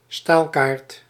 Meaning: sampling card (sheet with samples or examples)
- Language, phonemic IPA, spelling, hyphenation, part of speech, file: Dutch, /ˈstaːl.kaːrt/, staalkaart, staal‧kaart, noun, Nl-staalkaart.ogg